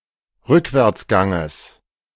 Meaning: genitive singular of Rückwärtsgang
- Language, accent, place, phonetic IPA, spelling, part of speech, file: German, Germany, Berlin, [ˈʁʏkvɛʁt͡sˌɡaŋəs], Rückwärtsganges, noun, De-Rückwärtsganges.ogg